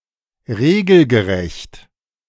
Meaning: legal, lawful, regulation
- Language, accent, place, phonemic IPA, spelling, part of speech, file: German, Germany, Berlin, /ˈʁeːɡl̩ɡəˌʁɛçt/, regelgerecht, adjective, De-regelgerecht.ogg